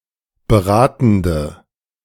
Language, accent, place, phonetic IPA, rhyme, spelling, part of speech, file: German, Germany, Berlin, [bəˈʁaːtn̩də], -aːtn̩də, beratende, adjective, De-beratende.ogg
- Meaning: inflection of beratend: 1. strong/mixed nominative/accusative feminine singular 2. strong nominative/accusative plural 3. weak nominative all-gender singular